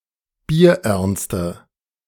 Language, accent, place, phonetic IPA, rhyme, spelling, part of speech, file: German, Germany, Berlin, [biːɐ̯ˈʔɛʁnstə], -ɛʁnstə, bierernste, adjective, De-bierernste.ogg
- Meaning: inflection of bierernst: 1. strong/mixed nominative/accusative feminine singular 2. strong nominative/accusative plural 3. weak nominative all-gender singular